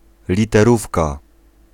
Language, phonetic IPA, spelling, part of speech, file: Polish, [ˌlʲitɛˈrufka], literówka, noun, Pl-literówka.ogg